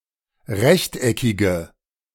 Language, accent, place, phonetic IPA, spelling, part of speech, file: German, Germany, Berlin, [ˈʁɛçtʔɛkɪɡə], rechteckige, adjective, De-rechteckige.ogg
- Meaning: inflection of rechteckig: 1. strong/mixed nominative/accusative feminine singular 2. strong nominative/accusative plural 3. weak nominative all-gender singular